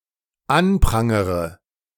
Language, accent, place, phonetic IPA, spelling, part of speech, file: German, Germany, Berlin, [ˈanˌpʁaŋəʁə], anprangere, verb, De-anprangere.ogg
- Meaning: inflection of anprangern: 1. first-person singular dependent present 2. first/third-person singular dependent subjunctive I